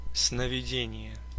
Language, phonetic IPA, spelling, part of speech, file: Russian, [snəvʲɪˈdʲenʲɪje], сновидение, noun, Ru-сновиде́ние.ogg
- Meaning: dream, vision (in a dream)